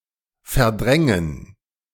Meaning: 1. to displace 2. to replace, supersede, oust 3. to repress, suppress
- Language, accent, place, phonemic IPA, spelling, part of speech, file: German, Germany, Berlin, /fɛʁˈdʁɛŋən/, verdrängen, verb, De-verdrängen.ogg